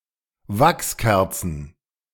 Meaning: plural of Wachskerze
- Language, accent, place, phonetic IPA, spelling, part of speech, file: German, Germany, Berlin, [ˈvaksˌkɛʁt͡sn̩], Wachskerzen, noun, De-Wachskerzen.ogg